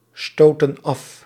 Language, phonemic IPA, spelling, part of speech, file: Dutch, /ˈstotə(n) ˈɑf/, stoten af, verb, Nl-stoten af.ogg
- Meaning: inflection of afstoten: 1. plural present indicative 2. plural present subjunctive